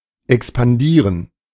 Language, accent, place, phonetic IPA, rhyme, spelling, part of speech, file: German, Germany, Berlin, [ɛkspanˈdiːʁən], -iːʁən, expandieren, verb, De-expandieren.ogg
- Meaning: to expand